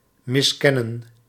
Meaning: to fail to acknowledge
- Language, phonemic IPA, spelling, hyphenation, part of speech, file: Dutch, /mɪsˈkɛnə(n)/, miskennen, mis‧ken‧nen, verb, Nl-miskennen.ogg